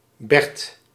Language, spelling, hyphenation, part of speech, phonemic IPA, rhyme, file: Dutch, Bert, Bert, proper noun, /bɛrt/, -ɛrt, Nl-Bert.ogg
- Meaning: a male given name, equivalent to English Bert